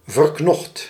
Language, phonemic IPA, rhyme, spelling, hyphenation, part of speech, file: Dutch, /vərˈknɔxt/, -ɔxt, verknocht, ver‧knocht, adjective, Nl-verknocht.ogg
- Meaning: emotionally attached, devoted, wedded